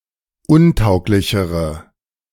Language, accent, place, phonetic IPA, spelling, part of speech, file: German, Germany, Berlin, [ˈʊnˌtaʊ̯klɪçəʁə], untauglichere, adjective, De-untauglichere.ogg
- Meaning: inflection of untauglich: 1. strong/mixed nominative/accusative feminine singular comparative degree 2. strong nominative/accusative plural comparative degree